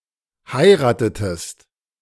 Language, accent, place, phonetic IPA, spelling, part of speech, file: German, Germany, Berlin, [ˈhaɪ̯ʁaːtətəst], heiratetest, verb, De-heiratetest.ogg
- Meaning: inflection of heiraten: 1. second-person singular preterite 2. second-person singular subjunctive II